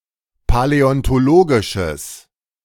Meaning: strong/mixed nominative/accusative neuter singular of paläontologisch
- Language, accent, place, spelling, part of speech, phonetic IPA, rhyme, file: German, Germany, Berlin, paläontologisches, adjective, [palɛɔntoˈloːɡɪʃəs], -oːɡɪʃəs, De-paläontologisches.ogg